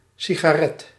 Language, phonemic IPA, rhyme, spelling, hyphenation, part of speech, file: Dutch, /ˌsi.ɣaːˈrɛt/, -ɛt, sigaret, si‧ga‧ret, noun, Nl-sigaret.ogg
- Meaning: cigarette